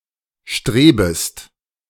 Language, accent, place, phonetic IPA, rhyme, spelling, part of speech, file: German, Germany, Berlin, [ˈʃtʁeːbəst], -eːbəst, strebest, verb, De-strebest.ogg
- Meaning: second-person singular subjunctive I of streben